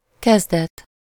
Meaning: beginning, start, outset, inception
- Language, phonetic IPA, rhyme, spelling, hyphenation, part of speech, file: Hungarian, [ˈkɛzdɛt], -ɛt, kezdet, kez‧det, noun, Hu-kezdet.ogg